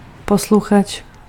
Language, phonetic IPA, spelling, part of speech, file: Czech, [ˈposluxat͡ʃ], posluchač, noun, Cs-posluchač.ogg
- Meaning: 1. listener (someone who listens, especially to a speech or a broadcast) 2. university student